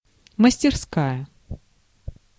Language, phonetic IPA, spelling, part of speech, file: Russian, [məsʲtʲɪrˈskajə], мастерская, noun, Ru-мастерская.ogg
- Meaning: 1. workshop, shop, repair shop 2. atelier, artist’s studio